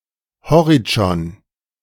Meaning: a municipality of Burgenland, Austria
- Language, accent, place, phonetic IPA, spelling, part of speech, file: German, Germany, Berlin, [ˈhɔʁɪt͡ʃɔn], Horitschon, proper noun, De-Horitschon.ogg